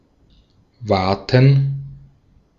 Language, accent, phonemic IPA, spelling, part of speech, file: German, Austria, /ˈvaːtən/, waten, verb, De-at-waten.ogg
- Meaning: to wade